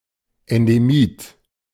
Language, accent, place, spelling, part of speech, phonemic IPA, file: German, Germany, Berlin, Endemit, noun, /ɛndeˈmiːt/, De-Endemit.ogg
- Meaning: endemic (individual or species that is endemic)